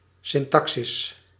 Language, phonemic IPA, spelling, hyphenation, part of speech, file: Dutch, /ˌsɪnˈtɑksɪs/, syntaxis, syn‧ta‧xis, noun, Nl-syntaxis.ogg
- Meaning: 1. syntax (structure of language) 2. syntax (study of syntax)